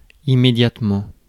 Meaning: immediately
- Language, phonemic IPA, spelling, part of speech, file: French, /i.me.djat.mɑ̃/, immédiatement, adverb, Fr-immédiatement.ogg